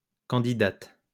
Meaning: female equivalent of candidat
- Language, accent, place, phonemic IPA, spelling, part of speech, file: French, France, Lyon, /kɑ̃.di.dat/, candidate, noun, LL-Q150 (fra)-candidate.wav